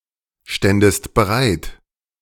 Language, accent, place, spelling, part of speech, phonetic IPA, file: German, Germany, Berlin, ständest bereit, verb, [ˌʃtɛndəst bəˈʁaɪ̯t], De-ständest bereit.ogg
- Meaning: second-person singular subjunctive II of bereitstehen